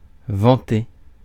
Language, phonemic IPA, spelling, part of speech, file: French, /vɑ̃.te/, vanter, verb, Fr-vanter.ogg
- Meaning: 1. to praise, to vaunt 2. to boast, brag